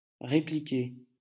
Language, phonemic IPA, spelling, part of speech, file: French, /ʁe.pli.ke/, répliquer, verb, LL-Q150 (fra)-répliquer.wav
- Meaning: 1. to reply, to retort 2. to duplicate, to recreate (a situation or occurrence)